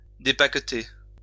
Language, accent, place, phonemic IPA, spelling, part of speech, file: French, France, Lyon, /de.pak.te/, dépaqueter, verb, LL-Q150 (fra)-dépaqueter.wav
- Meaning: to unpack